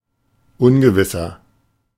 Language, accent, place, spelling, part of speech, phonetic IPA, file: German, Germany, Berlin, ungewisser, adjective, [ˈʊnɡəvɪsɐ], De-ungewisser.ogg
- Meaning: inflection of ungewiss: 1. strong/mixed nominative masculine singular 2. strong genitive/dative feminine singular 3. strong genitive plural